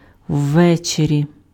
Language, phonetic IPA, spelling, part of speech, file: Ukrainian, [ˈʋːɛt͡ʃerʲi], ввечері, adverb, Uk-ввечері.ogg
- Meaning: in the evening